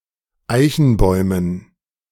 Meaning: dative plural of Eichenbaum
- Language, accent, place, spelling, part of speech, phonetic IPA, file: German, Germany, Berlin, Eichenbäumen, noun, [ˈaɪ̯çn̩ˌbɔɪ̯mən], De-Eichenbäumen.ogg